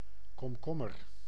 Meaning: cucumber
- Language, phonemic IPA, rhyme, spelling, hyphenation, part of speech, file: Dutch, /ˌkɔmˈkɔ.mər/, -ɔmər, komkommer, kom‧kom‧mer, noun, Nl-komkommer.ogg